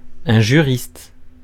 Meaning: jurist
- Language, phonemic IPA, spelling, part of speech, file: French, /ʒy.ʁist/, juriste, noun, Fr-juriste.ogg